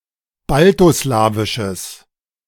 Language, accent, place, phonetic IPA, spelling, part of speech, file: German, Germany, Berlin, [ˈbaltoˌslaːvɪʃəs], baltoslawisches, adjective, De-baltoslawisches.ogg
- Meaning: strong/mixed nominative/accusative neuter singular of baltoslawisch